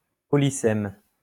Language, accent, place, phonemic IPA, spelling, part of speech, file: French, France, Lyon, /pɔ.li.zɛm/, polysème, noun / adjective, LL-Q150 (fra)-polysème.wav
- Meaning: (noun) polyseme